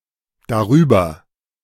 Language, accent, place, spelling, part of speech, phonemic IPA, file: German, Germany, Berlin, darüber, adverb, /daˈʁyːbɐ/, De-darüber.ogg
- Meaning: 1. above, above it/this/that 2. about it/this/that (concerning a matter) 3. over, over it/this/that, thereover